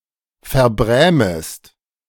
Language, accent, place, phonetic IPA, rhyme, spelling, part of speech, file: German, Germany, Berlin, [fɛɐ̯ˈbʁɛːməst], -ɛːməst, verbrämest, verb, De-verbrämest.ogg
- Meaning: second-person singular subjunctive I of verbrämen